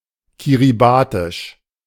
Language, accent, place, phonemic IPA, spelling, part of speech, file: German, Germany, Berlin, /ˌkiriˈbaːtɪʃ/, kiribatisch, adjective, De-kiribatisch.ogg
- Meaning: of Kiribati